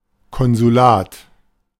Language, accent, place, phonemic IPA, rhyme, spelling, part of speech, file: German, Germany, Berlin, /ˌkɔnzuˈlaːt/, -aːt, Konsulat, noun, De-Konsulat.ogg
- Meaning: consulate